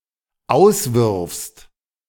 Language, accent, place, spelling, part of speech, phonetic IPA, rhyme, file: German, Germany, Berlin, auswirfst, verb, [ˈaʊ̯sˌvɪʁfst], -aʊ̯svɪʁfst, De-auswirfst.ogg
- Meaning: second-person singular dependent present of auswerfen